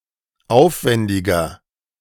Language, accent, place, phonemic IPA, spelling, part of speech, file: German, Germany, Berlin, /ˈʔaʊ̯fvɛndɪɡɐ/, aufwendiger, adjective, De-aufwendiger.ogg
- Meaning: 1. comparative degree of aufwendig 2. inflection of aufwendig: strong/mixed nominative masculine singular 3. inflection of aufwendig: strong genitive/dative feminine singular